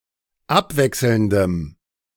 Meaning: strong dative masculine/neuter singular of abwechselnd
- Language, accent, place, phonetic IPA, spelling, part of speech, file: German, Germany, Berlin, [ˈapˌvɛksl̩ndəm], abwechselndem, adjective, De-abwechselndem.ogg